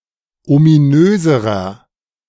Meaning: inflection of ominös: 1. strong/mixed nominative masculine singular comparative degree 2. strong genitive/dative feminine singular comparative degree 3. strong genitive plural comparative degree
- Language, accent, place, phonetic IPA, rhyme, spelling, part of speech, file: German, Germany, Berlin, [omiˈnøːzəʁɐ], -øːzəʁɐ, ominöserer, adjective, De-ominöserer.ogg